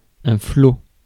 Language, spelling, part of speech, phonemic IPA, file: French, flot, noun, /flo/, Fr-flot.ogg
- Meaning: 1. waves 2. stream, flood (large amount) 3. incoming tide (of the sea); floodtide